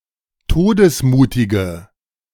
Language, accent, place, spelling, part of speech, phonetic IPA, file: German, Germany, Berlin, todesmutige, adjective, [ˈtoːdəsˌmuːtɪɡə], De-todesmutige.ogg
- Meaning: inflection of todesmutig: 1. strong/mixed nominative/accusative feminine singular 2. strong nominative/accusative plural 3. weak nominative all-gender singular